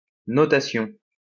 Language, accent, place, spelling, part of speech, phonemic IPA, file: French, France, Lyon, notation, noun, /nɔ.ta.sjɔ̃/, LL-Q150 (fra)-notation.wav
- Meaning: rating (evaluation of status)